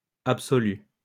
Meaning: feminine singular of absolu
- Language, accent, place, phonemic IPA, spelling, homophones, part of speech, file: French, France, Lyon, /ap.sɔ.ly/, absolue, absolu / absolus / absolues, adjective, LL-Q150 (fra)-absolue.wav